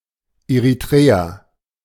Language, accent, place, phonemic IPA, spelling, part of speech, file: German, Germany, Berlin, /eʁiˈtʁeː.a/, Eritrea, proper noun, De-Eritrea.ogg
- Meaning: Eritrea (a country in East Africa, on the Red Sea)